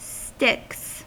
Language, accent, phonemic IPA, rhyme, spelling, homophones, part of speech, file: English, US, /stɪks/, -ɪks, sticks, Styx, noun / verb, En-us-sticks.ogg
- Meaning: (noun) 1. plural of stick 2. rural terrain, especially a woody area; any rural region 3. Hurdles or other obstacles to be jumped over 4. crutches